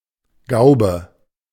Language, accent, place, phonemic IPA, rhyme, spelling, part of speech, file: German, Germany, Berlin, /ˈɡaʊ̯bə/, -aʊ̯bə, Gaube, noun, De-Gaube.ogg
- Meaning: dormer; dormer-window (roofed projection from a sloping roof with a window at the front)